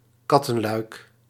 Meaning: cat flap
- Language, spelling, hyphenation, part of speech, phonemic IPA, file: Dutch, kattenluik, kat‧ten‧luik, noun, /ˈkɑtə(n)lœyk/, Nl-kattenluik.ogg